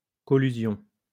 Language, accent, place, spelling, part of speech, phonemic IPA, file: French, France, Lyon, collusion, noun, /kɔ.ly.zjɔ̃/, LL-Q150 (fra)-collusion.wav
- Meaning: collusion